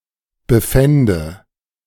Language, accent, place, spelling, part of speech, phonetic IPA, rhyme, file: German, Germany, Berlin, befände, verb, [bəˈfɛndə], -ɛndə, De-befände.ogg
- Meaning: first/third-person singular subjunctive II of befinden